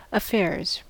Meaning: plural of affair
- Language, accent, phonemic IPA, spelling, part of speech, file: English, US, /əˈfɛɹz/, affairs, noun, En-us-affairs.ogg